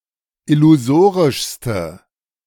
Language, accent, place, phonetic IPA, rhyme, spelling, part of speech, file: German, Germany, Berlin, [ɪluˈzoːʁɪʃstə], -oːʁɪʃstə, illusorischste, adjective, De-illusorischste.ogg
- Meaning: inflection of illusorisch: 1. strong/mixed nominative/accusative feminine singular superlative degree 2. strong nominative/accusative plural superlative degree